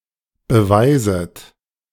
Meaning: second-person plural subjunctive I of beweisen
- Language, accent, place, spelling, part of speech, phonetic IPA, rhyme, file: German, Germany, Berlin, beweiset, verb, [bəˈvaɪ̯zət], -aɪ̯zət, De-beweiset.ogg